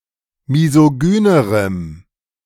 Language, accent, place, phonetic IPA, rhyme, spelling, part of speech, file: German, Germany, Berlin, [mizoˈɡyːnəʁəm], -yːnəʁəm, misogynerem, adjective, De-misogynerem.ogg
- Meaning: strong dative masculine/neuter singular comparative degree of misogyn